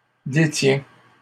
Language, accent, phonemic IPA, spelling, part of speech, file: French, Canada, /de.tjɛ̃/, détient, verb, LL-Q150 (fra)-détient.wav
- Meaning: third-person singular present indicative of détenir